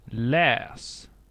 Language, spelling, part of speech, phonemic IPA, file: Swedish, läs, verb, /lɛːs/, Sv-läs.ogg
- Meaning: imperative of läsa